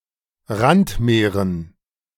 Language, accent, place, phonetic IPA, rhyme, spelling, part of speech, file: German, Germany, Berlin, [ˈʁantˌmeːʁən], -antmeːʁən, Randmeeren, noun, De-Randmeeren.ogg
- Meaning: dative plural of Randmeer